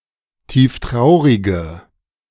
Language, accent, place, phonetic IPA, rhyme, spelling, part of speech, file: German, Germany, Berlin, [ˌtiːfˈtʁaʊ̯ʁɪɡə], -aʊ̯ʁɪɡə, tieftraurige, adjective, De-tieftraurige.ogg
- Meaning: inflection of tieftraurig: 1. strong/mixed nominative/accusative feminine singular 2. strong nominative/accusative plural 3. weak nominative all-gender singular